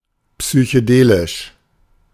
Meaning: psychedelic
- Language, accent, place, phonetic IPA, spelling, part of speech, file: German, Germany, Berlin, [psyçəˈdeːlɪʃ], psychedelisch, adjective, De-psychedelisch.ogg